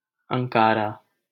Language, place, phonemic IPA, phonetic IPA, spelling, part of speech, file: Hindi, Delhi, /əŋ.kɑː.ɾɑː/, [ɐ̃ŋ.käː.ɾäː], अंकारा, proper noun, LL-Q1568 (hin)-अंकारा.wav
- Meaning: Ankara (the capital city of Turkey)